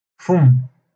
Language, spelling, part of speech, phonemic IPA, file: Moroccan Arabic, فم, noun, /fumː/, LL-Q56426 (ary)-فم.wav
- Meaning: mouth